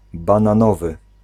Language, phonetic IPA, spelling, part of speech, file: Polish, [ˌbãnãˈnɔvɨ], bananowy, adjective, Pl-bananowy.ogg